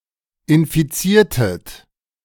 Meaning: inflection of infizieren: 1. second-person plural preterite 2. second-person plural subjunctive II
- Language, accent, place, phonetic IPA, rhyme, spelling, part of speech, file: German, Germany, Berlin, [ɪnfiˈt͡siːɐ̯tət], -iːɐ̯tət, infiziertet, verb, De-infiziertet.ogg